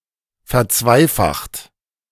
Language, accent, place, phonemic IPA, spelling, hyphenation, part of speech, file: German, Germany, Berlin, /fɛɐ̯ˈt͡svaɪ̯ˌfaxt/, verzweifacht, ver‧zwei‧facht, verb, De-verzweifacht.ogg
- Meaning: 1. past participle of verzweifachen 2. inflection of verzweifachen: second-person plural present 3. inflection of verzweifachen: third-person singular present